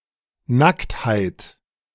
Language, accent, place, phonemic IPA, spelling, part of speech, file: German, Germany, Berlin, /ˈnakthaɪ̯t/, Nacktheit, noun, De-Nacktheit.ogg
- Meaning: nudity